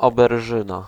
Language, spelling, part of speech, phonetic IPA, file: Polish, oberżyna, noun, [ˌɔbɛrˈʒɨ̃na], Pl-oberżyna.ogg